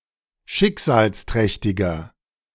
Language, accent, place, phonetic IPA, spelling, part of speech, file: German, Germany, Berlin, [ˈʃɪkzaːlsˌtʁɛçtɪɡɐ], schicksalsträchtiger, adjective, De-schicksalsträchtiger.ogg
- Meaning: 1. comparative degree of schicksalsträchtig 2. inflection of schicksalsträchtig: strong/mixed nominative masculine singular